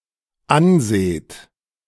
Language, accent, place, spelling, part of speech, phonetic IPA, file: German, Germany, Berlin, anseht, verb, [ˈanˌzeːt], De-anseht.ogg
- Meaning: second-person plural dependent present of ansehen